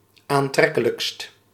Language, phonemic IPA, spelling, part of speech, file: Dutch, /anˈtrɛkələkst/, aantrekkelijkst, adjective, Nl-aantrekkelijkst.ogg
- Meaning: superlative degree of aantrekkelijk